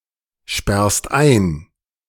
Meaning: second-person singular present of einsperren
- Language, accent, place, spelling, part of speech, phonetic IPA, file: German, Germany, Berlin, sperrst ein, verb, [ˌʃpɛʁst ˈaɪ̯n], De-sperrst ein.ogg